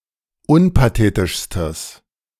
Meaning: strong/mixed nominative/accusative neuter singular superlative degree of unpathetisch
- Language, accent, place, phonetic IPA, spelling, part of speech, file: German, Germany, Berlin, [ˈʊnpaˌteːtɪʃstəs], unpathetischstes, adjective, De-unpathetischstes.ogg